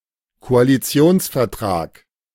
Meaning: coalition agreement
- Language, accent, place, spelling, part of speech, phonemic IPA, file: German, Germany, Berlin, Koalitionsvertrag, noun, /koaliˈt͡si̯oːnsfɛɐ̯traːk/, De-Koalitionsvertrag.ogg